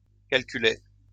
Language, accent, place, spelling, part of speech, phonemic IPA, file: French, France, Lyon, calculais, verb, /kal.ky.lɛ/, LL-Q150 (fra)-calculais.wav
- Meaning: first/second-person singular imperfect indicative of calculer